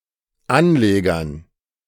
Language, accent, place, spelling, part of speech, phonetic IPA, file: German, Germany, Berlin, Anlegern, noun, [ˈanˌleːɡɐn], De-Anlegern.ogg
- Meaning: dative plural of Anleger